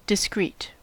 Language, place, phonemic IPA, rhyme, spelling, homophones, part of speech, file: English, California, /dɪˈskɹit/, -iːt, discrete, discreet, adjective, En-us-discrete.ogg
- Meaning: 1. Separate; distinct; individual; non-continuous 2. That can be perceived individually, not as connected to, or part of, something else